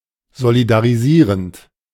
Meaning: present participle of solidarisieren
- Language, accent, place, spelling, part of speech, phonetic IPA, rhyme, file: German, Germany, Berlin, solidarisierend, verb, [zolidaʁiˈziːʁənt], -iːʁənt, De-solidarisierend.ogg